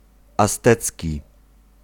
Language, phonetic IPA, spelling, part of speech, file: Polish, [asˈtɛt͡sʲci], aztecki, adjective, Pl-aztecki.ogg